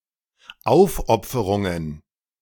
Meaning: plural of Aufopferung
- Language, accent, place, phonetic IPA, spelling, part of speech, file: German, Germany, Berlin, [ˈaʊ̯fˌʔɔp͡fəʁʊŋən], Aufopferungen, noun, De-Aufopferungen.ogg